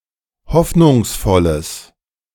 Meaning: strong/mixed nominative/accusative neuter singular of hoffnungsvoll
- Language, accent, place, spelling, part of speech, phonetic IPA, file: German, Germany, Berlin, hoffnungsvolles, adjective, [ˈhɔfnʊŋsˌfɔləs], De-hoffnungsvolles.ogg